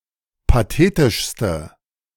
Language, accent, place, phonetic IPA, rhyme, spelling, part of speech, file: German, Germany, Berlin, [paˈteːtɪʃstə], -eːtɪʃstə, pathetischste, adjective, De-pathetischste.ogg
- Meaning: inflection of pathetisch: 1. strong/mixed nominative/accusative feminine singular superlative degree 2. strong nominative/accusative plural superlative degree